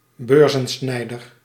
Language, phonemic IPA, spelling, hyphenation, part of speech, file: Dutch, /ˈbøːr.zə(n)ˌsnɛi̯.dər/, beurzensnijder, beur‧zen‧snij‧der, noun, Nl-beurzensnijder.ogg
- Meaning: purse-snatcher, cutpurse, pick-pocket, a petty criminal who steals wallets, purses, et cetera